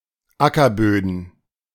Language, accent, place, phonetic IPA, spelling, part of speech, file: German, Germany, Berlin, [ˈakɐˌbøːdn̩], Ackerböden, noun, De-Ackerböden.ogg
- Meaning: plural of Ackerboden